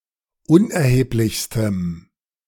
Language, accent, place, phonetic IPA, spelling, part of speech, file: German, Germany, Berlin, [ˈʊnʔɛɐ̯heːplɪçstəm], unerheblichstem, adjective, De-unerheblichstem.ogg
- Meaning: strong dative masculine/neuter singular superlative degree of unerheblich